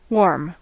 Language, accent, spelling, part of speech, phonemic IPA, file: English, General American, warm, adjective / verb / noun, /wɔɹm/, En-us-warm.ogg
- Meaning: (adjective) 1. Of a somewhat high temperature, often but not always connoting that the high temperature is pleasant rather than uncomfortable 2. Friendly and with affection